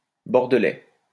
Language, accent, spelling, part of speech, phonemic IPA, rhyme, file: French, France, bordelaise, adjective, /bɔʁ.də.lɛz/, -ɛz, LL-Q150 (fra)-bordelaise.wav
- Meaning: feminine singular of bordelais